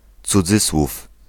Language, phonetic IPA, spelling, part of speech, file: Polish, [t͡suˈd͡zɨswuf], cudzysłów, noun, Pl-cudzysłów.ogg